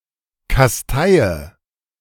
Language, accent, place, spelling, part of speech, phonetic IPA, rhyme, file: German, Germany, Berlin, kasteie, verb, [kasˈtaɪ̯ə], -aɪ̯ə, De-kasteie.ogg
- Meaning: inflection of kasteien: 1. first-person singular present 2. first/third-person singular subjunctive I 3. singular imperative